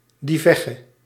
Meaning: thief (female)
- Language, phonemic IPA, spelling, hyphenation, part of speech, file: Dutch, /ˌdiˈvɛɣə/, dievegge, die‧veg‧ge, noun, Nl-dievegge.ogg